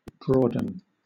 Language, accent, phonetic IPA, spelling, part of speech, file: English, Southern England, [ˈbɹɔː.dn̩], broaden, verb, LL-Q1860 (eng)-broaden.wav
- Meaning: 1. To make broad or broader 2. To become broad or broader